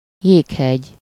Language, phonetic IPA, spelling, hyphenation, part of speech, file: Hungarian, [ˈjeːkhɛɟ], jéghegy, jég‧hegy, noun, Hu-jéghegy.ogg
- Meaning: iceberg (a huge mass of ocean-floating ice which has broken off a glacier or ice shelf)